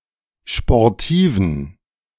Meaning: inflection of sportiv: 1. strong genitive masculine/neuter singular 2. weak/mixed genitive/dative all-gender singular 3. strong/weak/mixed accusative masculine singular 4. strong dative plural
- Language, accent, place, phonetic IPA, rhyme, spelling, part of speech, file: German, Germany, Berlin, [ʃpɔʁˈtiːvn̩], -iːvn̩, sportiven, adjective, De-sportiven.ogg